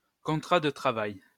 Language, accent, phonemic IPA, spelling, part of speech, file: French, France, /kɔ̃.tʁa də tʁa.vaj/, contrat de travail, noun, LL-Q150 (fra)-contrat de travail.wav
- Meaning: employment contract, work contract